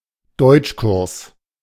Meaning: German language course
- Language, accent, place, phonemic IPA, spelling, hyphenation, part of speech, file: German, Germany, Berlin, /ˈdɔɪ̯t͡ʃˌkʊʁs/, Deutschkurs, Deutsch‧kurs, noun, De-Deutschkurs.ogg